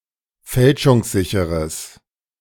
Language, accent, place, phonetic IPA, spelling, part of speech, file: German, Germany, Berlin, [ˈfɛlʃʊŋsˌzɪçəʁəs], fälschungssicheres, adjective, De-fälschungssicheres.ogg
- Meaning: strong/mixed nominative/accusative neuter singular of fälschungssicher